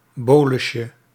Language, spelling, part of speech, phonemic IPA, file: Dutch, bolusje, noun, /ˈbolʏʃə/, Nl-bolusje.ogg
- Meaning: diminutive of bolus